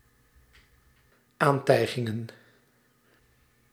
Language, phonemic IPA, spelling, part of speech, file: Dutch, /ˈantɛiɣɪŋə(n)/, aantijgingen, noun, Nl-aantijgingen.ogg
- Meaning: plural of aantijging